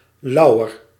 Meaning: 1. synonym of laurier (“laurel (Laurus nobilis)”) 2. a laurel wreath (symbol of victory), chiefly in the expression op zijn lauweren rusten and other idioms
- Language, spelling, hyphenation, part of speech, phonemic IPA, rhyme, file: Dutch, lauwer, lau‧wer, noun, /ˈlɑu̯.ər/, -ɑu̯ər, Nl-lauwer.ogg